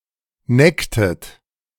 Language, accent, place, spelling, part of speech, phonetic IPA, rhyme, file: German, Germany, Berlin, necktet, verb, [ˈnɛktət], -ɛktət, De-necktet.ogg
- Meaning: inflection of necken: 1. second-person plural preterite 2. second-person plural subjunctive II